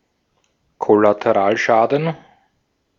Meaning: collateral damage
- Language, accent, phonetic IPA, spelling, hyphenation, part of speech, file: German, Austria, [ˌkɔlateˈʁaːlˌʃaːdn̩], Kollateralschaden, Kol‧la‧te‧ral‧scha‧den, noun, De-at-Kollateralschaden.ogg